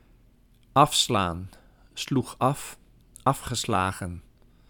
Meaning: 1. to decline, to reject 2. to halt, to stop, to switch off 3. to turn, to take off in a direction perpendicular to the one one was travelling in before 4. to strike off 5. to beat up
- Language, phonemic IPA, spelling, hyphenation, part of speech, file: Dutch, /ˈɑfslaːn/, afslaan, af‧slaan, verb, Nl-afslaan.ogg